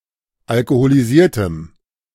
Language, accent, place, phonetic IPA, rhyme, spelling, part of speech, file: German, Germany, Berlin, [alkoholiˈziːɐ̯təm], -iːɐ̯təm, alkoholisiertem, adjective, De-alkoholisiertem.ogg
- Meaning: strong dative masculine/neuter singular of alkoholisiert